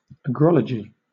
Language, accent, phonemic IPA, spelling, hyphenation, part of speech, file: English, Southern England, /əˈɡɹɒlədʒi/, agrology, agro‧lo‧gy, noun, LL-Q1860 (eng)-agrology.wav